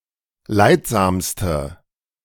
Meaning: inflection of leidsam: 1. strong/mixed nominative/accusative feminine singular superlative degree 2. strong nominative/accusative plural superlative degree
- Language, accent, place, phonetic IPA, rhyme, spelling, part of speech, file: German, Germany, Berlin, [ˈlaɪ̯tˌzaːmstə], -aɪ̯tzaːmstə, leidsamste, adjective, De-leidsamste.ogg